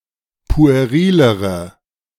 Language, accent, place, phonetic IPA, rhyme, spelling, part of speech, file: German, Germany, Berlin, [pu̯eˈʁiːləʁə], -iːləʁə, puerilere, adjective, De-puerilere.ogg
- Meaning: inflection of pueril: 1. strong/mixed nominative/accusative feminine singular comparative degree 2. strong nominative/accusative plural comparative degree